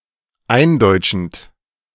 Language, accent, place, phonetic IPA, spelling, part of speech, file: German, Germany, Berlin, [ˈaɪ̯nˌdɔɪ̯t͡ʃn̩t], eindeutschend, verb, De-eindeutschend.ogg
- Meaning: present participle of eindeutschen